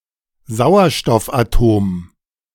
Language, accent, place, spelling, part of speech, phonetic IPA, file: German, Germany, Berlin, Sauerstoffatom, noun, [ˈzaʊ̯ɐʃtɔfʔaˌtoːm], De-Sauerstoffatom.ogg
- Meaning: oxygen atom